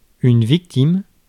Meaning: victim
- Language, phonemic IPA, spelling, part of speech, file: French, /vik.tim/, victime, noun, Fr-victime.ogg